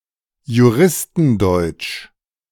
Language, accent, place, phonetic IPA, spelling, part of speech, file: German, Germany, Berlin, [juˈʁɪstn̩ˌdɔɪ̯t͡ʃ], Juristendeutsch, noun, De-Juristendeutsch.ogg
- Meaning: German legalese (the complex, verbose and yet pedantically precise language that is seen as typical of lawyers, judges, and other jurists)